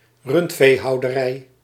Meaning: 1. cattle husbandry 2. cattle farm (farm where cows are raised)
- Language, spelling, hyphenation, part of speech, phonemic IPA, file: Dutch, rundveehouderij, rund‧vee‧hou‧de‧rij, noun, /ˈrʏnt.feː.ɦɑu̯.dəˌrɛi̯/, Nl-rundveehouderij.ogg